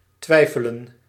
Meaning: to doubt
- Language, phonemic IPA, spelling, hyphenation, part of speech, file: Dutch, /ˈtʋɛi̯fələ(n)/, twijfelen, twij‧fe‧len, verb, Nl-twijfelen.ogg